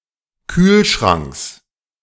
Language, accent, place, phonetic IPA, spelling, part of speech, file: German, Germany, Berlin, [ˈkyːlˌʃʁaŋks], Kühlschranks, noun, De-Kühlschranks.ogg
- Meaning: genitive singular of Kühlschrank